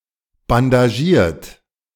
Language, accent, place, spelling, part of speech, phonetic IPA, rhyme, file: German, Germany, Berlin, bandagiert, adjective / verb, [bandaˈʒiːɐ̯t], -iːɐ̯t, De-bandagiert.ogg
- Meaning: 1. past participle of bandagieren 2. inflection of bandagieren: third-person singular present 3. inflection of bandagieren: second-person plural present 4. inflection of bandagieren: plural imperative